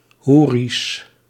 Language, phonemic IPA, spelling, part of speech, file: Dutch, /ˈhuris/, hoeri's, noun, Nl-hoeri's.ogg
- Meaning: plural of hoeri